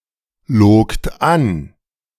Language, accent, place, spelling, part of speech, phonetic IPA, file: German, Germany, Berlin, logt an, verb, [ˌloːkt ˈan], De-logt an.ogg
- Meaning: second-person plural preterite of anlügen